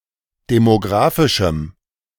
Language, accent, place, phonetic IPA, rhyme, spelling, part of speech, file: German, Germany, Berlin, [demoˈɡʁaːfɪʃm̩], -aːfɪʃm̩, demographischem, adjective, De-demographischem.ogg
- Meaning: strong dative masculine/neuter singular of demographisch